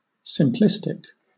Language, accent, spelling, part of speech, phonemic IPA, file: English, Southern England, simplistic, adjective, /sɪmˈplɪstɪk/, LL-Q1860 (eng)-simplistic.wav
- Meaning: 1. Overly simple 2. In a manner that simplifies a concept or issue so that its nuances and complexities are lost or important details are overlooked